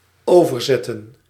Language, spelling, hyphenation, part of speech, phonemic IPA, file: Dutch, overzetten, over‧zet‧ten, verb, /ˈoː.vərˌzɛ.tə(n)/, Nl-overzetten.ogg
- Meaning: 1. to ferry (to move someone/something from one place to another in general, or over water in particular) 2. to transfer 3. to translate